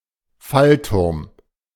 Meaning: drop tower
- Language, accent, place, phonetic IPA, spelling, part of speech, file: German, Germany, Berlin, [ˈfalˌtʊʁm], Fallturm, noun, De-Fallturm.ogg